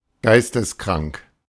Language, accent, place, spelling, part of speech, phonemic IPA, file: German, Germany, Berlin, geisteskrank, adjective, /ˈɡaɪ̯stəsˌkʁaŋk/, De-geisteskrank.ogg
- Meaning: 1. insane, mentally ill 2. ill, sick, so odd it is awesome